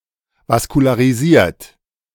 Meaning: vascularised / vascularized
- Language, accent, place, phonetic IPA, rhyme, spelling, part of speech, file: German, Germany, Berlin, [vaskulaːʁiˈziːɐ̯t], -iːɐ̯t, vaskularisiert, adjective, De-vaskularisiert.ogg